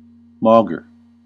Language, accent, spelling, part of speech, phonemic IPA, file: English, US, maugre, preposition / adverb / noun, /ˈmɔɡɚ/, En-us-maugre.ogg
- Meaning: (preposition) In spite of, notwithstanding; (adverb) Notwithstanding, despite everything; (noun) Ill will; spite